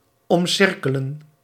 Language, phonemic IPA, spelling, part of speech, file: Dutch, /ˌɔmˈsɪr.kə.lə(n)/, omcirkelen, verb, Nl-omcirkelen.ogg
- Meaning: to surround, to envelop